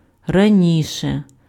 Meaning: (adjective) nominative/accusative neuter singular of рані́ший (raníšyj); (adverb) comparative degree of ра́но (ráno): 1. earlier 2. before 3. previously
- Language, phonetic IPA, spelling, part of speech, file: Ukrainian, [rɐˈnʲiʃe], раніше, adjective / adverb, Uk-раніше.ogg